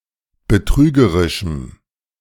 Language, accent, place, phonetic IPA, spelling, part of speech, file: German, Germany, Berlin, [bəˈtʁyːɡəʁɪʃm̩], betrügerischem, adjective, De-betrügerischem.ogg
- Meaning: strong dative masculine/neuter singular of betrügerisch